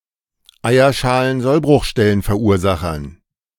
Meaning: dative plural of Eierschalensollbruchstellenverursacher
- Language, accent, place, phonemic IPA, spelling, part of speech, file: German, Germany, Berlin, /ˌaɪ̯.ɐˌʃaː.lənˌzɔl.brʊxˌʃtɛ.lənˌfɛɐ̯ˈuːɐ̯ˌza.xɐn/, Eierschalensollbruchstellenverursachern, noun, De-Eierschalensollbruchstellenverursachern.ogg